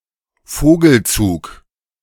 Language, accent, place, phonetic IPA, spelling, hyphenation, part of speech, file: German, Germany, Berlin, [ˈfoːɡl̩ˌt͡suːk], Vogelzug, Vo‧gel‧zug, noun, De-Vogelzug.ogg
- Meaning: bird migration